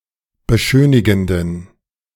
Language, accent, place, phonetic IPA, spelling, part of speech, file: German, Germany, Berlin, [bəˈʃøːnɪɡn̩dən], beschönigenden, adjective, De-beschönigenden.ogg
- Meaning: inflection of beschönigend: 1. strong genitive masculine/neuter singular 2. weak/mixed genitive/dative all-gender singular 3. strong/weak/mixed accusative masculine singular 4. strong dative plural